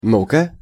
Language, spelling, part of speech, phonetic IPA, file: Russian, ну-ка, interjection, [ˈnu‿kə], Ru-ну-ка.ogg
- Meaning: 1. now!, come!, come on! 2. well, let's see